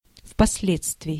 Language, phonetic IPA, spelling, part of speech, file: Russian, [fpɐs⁽ʲ⁾ˈlʲet͡stvʲɪɪ], впоследствии, adverb, Ru-впоследствии.ogg
- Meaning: 1. subsequently, afterwards, afterward 2. thereafter, after 3. at a later date 4. in the sequel